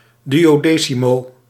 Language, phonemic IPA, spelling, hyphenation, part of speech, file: Dutch, /ˌdy.oːˈdeː.si.moː/, duodecimo, duo‧de‧ci‧mo, noun, Nl-duodecimo.ogg